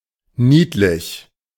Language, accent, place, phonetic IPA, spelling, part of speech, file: German, Germany, Berlin, [ˈniːtlɪç], niedlich, adjective, De-niedlich.ogg
- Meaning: 1. cute, pretty, charming, adorable 2. tiny, minute